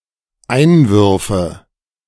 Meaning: nominative/accusative/genitive plural of Einwurf
- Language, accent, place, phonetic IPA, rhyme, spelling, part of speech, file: German, Germany, Berlin, [ˈaɪ̯nˌvʏʁfə], -aɪ̯nvʏʁfə, Einwürfe, noun, De-Einwürfe.ogg